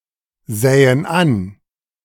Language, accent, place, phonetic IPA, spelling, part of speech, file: German, Germany, Berlin, [ˌzɛːən ˈan], sähen an, verb, De-sähen an.ogg
- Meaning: first/third-person plural subjunctive II of ansehen